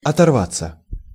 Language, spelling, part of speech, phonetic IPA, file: Russian, оторваться, verb, [ɐtɐrˈvat͡sːə], Ru-оторваться.ogg
- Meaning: 1. to come off; to tear off; to be torn off 2. to take off 3. to turn away, to tear oneself away (from work, a book. etc.) 4. to separate, to disengage (from pursuit) 5. to lose contact (with someone)